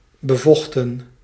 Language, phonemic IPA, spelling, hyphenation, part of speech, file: Dutch, /bəˈvɔxtə(n)/, bevochten, be‧voch‧ten, verb, Nl-bevochten.ogg
- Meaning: 1. synonym of bevochtigen 2. inflection of bevechten: plural past indicative 3. inflection of bevechten: plural past subjunctive 4. past participle of bevechten